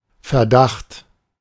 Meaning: suspicion
- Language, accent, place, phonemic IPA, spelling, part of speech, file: German, Germany, Berlin, /fɛɐ̯.ˈdaχt/, Verdacht, noun, De-Verdacht.ogg